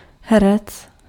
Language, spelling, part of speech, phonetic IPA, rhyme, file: Czech, herec, noun, [ˈɦɛrɛt͡s], -ɛrɛts, Cs-herec.ogg
- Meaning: actor, player (person who performs in a theatrical play or film)